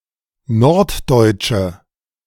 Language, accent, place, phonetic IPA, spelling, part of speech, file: German, Germany, Berlin, [ˈnɔʁtˌdɔɪ̯t͡ʃə], norddeutsche, adjective, De-norddeutsche.ogg
- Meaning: inflection of norddeutsch: 1. strong/mixed nominative/accusative feminine singular 2. strong nominative/accusative plural 3. weak nominative all-gender singular